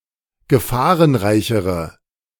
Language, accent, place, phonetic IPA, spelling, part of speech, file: German, Germany, Berlin, [ɡəˈfaːʁənˌʁaɪ̯çəʁə], gefahrenreichere, adjective, De-gefahrenreichere.ogg
- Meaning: inflection of gefahrenreich: 1. strong/mixed nominative/accusative feminine singular comparative degree 2. strong nominative/accusative plural comparative degree